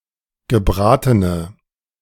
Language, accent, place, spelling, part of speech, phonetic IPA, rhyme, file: German, Germany, Berlin, gebratene, adjective, [ɡəˈbʁaːtənə], -aːtənə, De-gebratene.ogg
- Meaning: inflection of gebraten: 1. strong/mixed nominative/accusative feminine singular 2. strong nominative/accusative plural 3. weak nominative all-gender singular